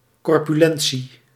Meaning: corpulence
- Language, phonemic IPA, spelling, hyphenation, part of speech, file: Dutch, /ˌkɔr.pyˈlɛn.(t)si/, corpulentie, cor‧pu‧len‧tie, noun, Nl-corpulentie.ogg